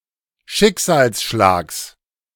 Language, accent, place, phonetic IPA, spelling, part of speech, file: German, Germany, Berlin, [ˈʃɪkzaːlsˌʃlaːks], Schicksalsschlags, noun, De-Schicksalsschlags.ogg
- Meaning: genitive singular of Schicksalsschlag